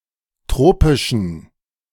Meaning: inflection of tropisch: 1. strong genitive masculine/neuter singular 2. weak/mixed genitive/dative all-gender singular 3. strong/weak/mixed accusative masculine singular 4. strong dative plural
- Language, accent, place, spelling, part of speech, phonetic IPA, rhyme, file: German, Germany, Berlin, tropischen, adjective, [ˈtʁoːpɪʃn̩], -oːpɪʃn̩, De-tropischen.ogg